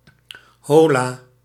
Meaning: hello, hi
- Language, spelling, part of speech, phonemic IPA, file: Dutch, hola, interjection / noun, /ˈhola/, Nl-hola.ogg